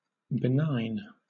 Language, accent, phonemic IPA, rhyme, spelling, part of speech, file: English, Southern England, /bɪˈnaɪn/, -aɪn, benign, adjective, LL-Q1860 (eng)-benign.wav
- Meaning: 1. Kind; gentle; mild 2. Of a climate or environment, mild and favorable 3. Not harmful to the environment 4. Not posing any serious threat to health; not particularly aggressive or recurrent